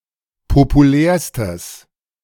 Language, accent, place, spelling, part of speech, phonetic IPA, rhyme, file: German, Germany, Berlin, populärstes, adjective, [popuˈlɛːɐ̯stəs], -ɛːɐ̯stəs, De-populärstes.ogg
- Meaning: strong/mixed nominative/accusative neuter singular superlative degree of populär